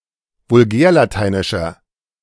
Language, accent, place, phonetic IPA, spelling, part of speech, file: German, Germany, Berlin, [vʊlˈɡɛːɐ̯laˌtaɪ̯nɪʃɐ], vulgärlateinischer, adjective, De-vulgärlateinischer.ogg
- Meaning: inflection of vulgärlateinisch: 1. strong/mixed nominative masculine singular 2. strong genitive/dative feminine singular 3. strong genitive plural